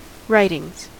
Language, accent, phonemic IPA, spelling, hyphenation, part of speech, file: English, US, /ˈɹaɪtɪŋz/, writings, writ‧ings, noun, En-us-writings.ogg
- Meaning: plural of writing